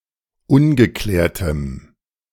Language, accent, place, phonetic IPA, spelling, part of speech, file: German, Germany, Berlin, [ˈʊnɡəˌklɛːɐ̯təm], ungeklärtem, adjective, De-ungeklärtem.ogg
- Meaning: strong dative masculine/neuter singular of ungeklärt